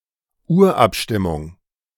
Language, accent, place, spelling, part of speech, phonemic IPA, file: German, Germany, Berlin, Urabstimmung, noun, /ˈuːɐ̯ʔapˌʃtɪmʊŋ/, De-Urabstimmung.ogg
- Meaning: secret ballot held by a union to decide on a strike